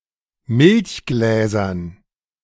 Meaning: dative plural of Milchglas
- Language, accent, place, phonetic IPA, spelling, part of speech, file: German, Germany, Berlin, [ˈmɪlçˌɡlɛːzɐn], Milchgläsern, noun, De-Milchgläsern.ogg